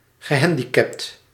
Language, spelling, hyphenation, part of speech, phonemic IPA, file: Dutch, gehandicapt, ge‧han‧di‧capt, adjective, /ɣəˈɦɛn.di.kɛpt/, Nl-gehandicapt.ogg
- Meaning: disabled, handicapped